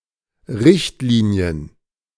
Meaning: plural of Richtlinie
- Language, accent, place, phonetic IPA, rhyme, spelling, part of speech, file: German, Germany, Berlin, [ˈʁɪçtliːni̯ən], -ɪçtliːni̯ən, Richtlinien, noun, De-Richtlinien.ogg